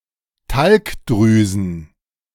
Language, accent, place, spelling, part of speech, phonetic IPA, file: German, Germany, Berlin, Talgdrüsen, noun, [ˈtalkˌdʁyːzn̩], De-Talgdrüsen.ogg
- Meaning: plural of Talgdrüse